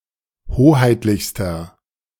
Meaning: inflection of hoheitlich: 1. strong/mixed nominative masculine singular superlative degree 2. strong genitive/dative feminine singular superlative degree 3. strong genitive plural superlative degree
- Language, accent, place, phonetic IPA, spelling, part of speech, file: German, Germany, Berlin, [ˈhoːhaɪ̯tlɪçstɐ], hoheitlichster, adjective, De-hoheitlichster.ogg